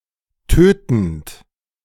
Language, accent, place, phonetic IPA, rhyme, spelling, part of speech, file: German, Germany, Berlin, [ˈtøːtn̩t], -øːtn̩t, tötend, verb, De-tötend.ogg
- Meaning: present participle of töten